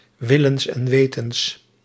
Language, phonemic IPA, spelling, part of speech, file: Dutch, /ˌwɪlə(n)sɛnˈwetə(n)s/, willens en wetens, adverb, Nl-willens en wetens.ogg
- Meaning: on purpose, deliberately, knowingly